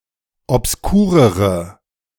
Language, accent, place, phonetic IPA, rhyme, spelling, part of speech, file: German, Germany, Berlin, [ɔpsˈkuːʁəʁə], -uːʁəʁə, obskurere, adjective, De-obskurere.ogg
- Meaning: inflection of obskur: 1. strong/mixed nominative/accusative feminine singular comparative degree 2. strong nominative/accusative plural comparative degree